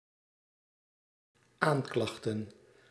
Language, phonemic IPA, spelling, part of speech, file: Dutch, /ˈaɲklɑxtə(n)/, aanklachten, noun, Nl-aanklachten.ogg
- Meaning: plural of aanklacht